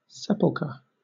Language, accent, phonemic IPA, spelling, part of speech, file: English, Southern England, /ˈsɛpəlkə/, sepulchre, noun / verb, LL-Q1860 (eng)-sepulchre.wav
- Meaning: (noun) 1. A burial chamber 2. A recess in some early churches in which the reserved sacrament, etc. was kept from Good Friday till Easter; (verb) To place in a sepulchre